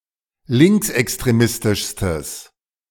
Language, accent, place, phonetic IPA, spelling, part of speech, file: German, Germany, Berlin, [ˈlɪŋksʔɛkstʁeˌmɪstɪʃstəs], linksextremistischstes, adjective, De-linksextremistischstes.ogg
- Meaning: strong/mixed nominative/accusative neuter singular superlative degree of linksextremistisch